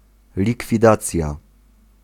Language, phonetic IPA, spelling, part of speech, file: Polish, [ˌlʲikfʲiˈdat͡sʲja], likwidacja, noun, Pl-likwidacja.ogg